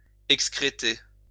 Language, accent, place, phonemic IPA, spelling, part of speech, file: French, France, Lyon, /ɛk.skʁe.te/, excréter, verb, LL-Q150 (fra)-excréter.wav
- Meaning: to excrete